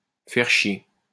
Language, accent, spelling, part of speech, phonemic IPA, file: French, France, faire chier, verb, /fɛʁ ʃje/, LL-Q150 (fra)-faire chier.wav
- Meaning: 1. to piss off, to annoy, to irritate 2. to have a (fucking) nightmare of a time; to be excessively bored 3. to bust one's arse; to work extremely hard; to push oneself to the limit